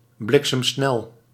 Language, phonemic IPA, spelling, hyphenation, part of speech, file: Dutch, /ˌblɪk.səmˈsnɛl/, bliksemsnel, blik‧sem‧snel, adjective, Nl-bliksemsnel.ogg
- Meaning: lightning-fast, very quick or rapid